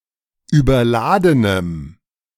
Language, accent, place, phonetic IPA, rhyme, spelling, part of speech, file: German, Germany, Berlin, [yːbɐˈlaːdənəm], -aːdənəm, überladenem, adjective, De-überladenem.ogg
- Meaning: strong dative masculine/neuter singular of überladen